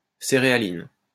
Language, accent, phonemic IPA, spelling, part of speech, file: French, France, /se.ʁe.a.lin/, céréaline, noun, LL-Q150 (fra)-céréaline.wav
- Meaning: cerealin